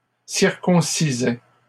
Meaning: third-person singular imperfect indicative of circoncire
- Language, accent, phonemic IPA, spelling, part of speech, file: French, Canada, /siʁ.kɔ̃.si.zɛ/, circoncisait, verb, LL-Q150 (fra)-circoncisait.wav